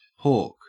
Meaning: 1. To foul up; to be occupied with difficulty, tangle, or unpleasantness; to be broken 2. To steal, especially petty theft or misnomer in jest 3. To vomit, cough up 4. To gulp 5. To throw
- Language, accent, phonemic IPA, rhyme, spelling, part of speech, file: English, Australia, /ˈhɔː(ɹ)k/, -ɔː(ɹ)k, hork, verb, En-au-hork.ogg